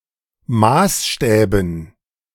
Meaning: dative plural of Maßstab
- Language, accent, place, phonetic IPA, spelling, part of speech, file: German, Germany, Berlin, [ˈmaːsˌʃtɛːbn̩], Maßstäben, noun, De-Maßstäben.ogg